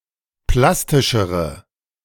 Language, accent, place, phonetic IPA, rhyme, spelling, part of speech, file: German, Germany, Berlin, [ˈplastɪʃəʁə], -astɪʃəʁə, plastischere, adjective, De-plastischere.ogg
- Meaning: inflection of plastisch: 1. strong/mixed nominative/accusative feminine singular comparative degree 2. strong nominative/accusative plural comparative degree